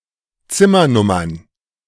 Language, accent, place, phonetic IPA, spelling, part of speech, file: German, Germany, Berlin, [ˈt͡sɪmɐˌnʊmɐn], Zimmernummern, noun, De-Zimmernummern.ogg
- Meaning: plural of Zimmernummer